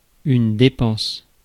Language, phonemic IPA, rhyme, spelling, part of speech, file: French, /de.pɑ̃s/, -ɑ̃s, dépense, noun / verb, Fr-dépense.ogg
- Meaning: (noun) 1. expense 2. expenditure 3. spending; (verb) inflection of dépenser: 1. first/third-person singular present indicative/subjunctive 2. second-person singular imperative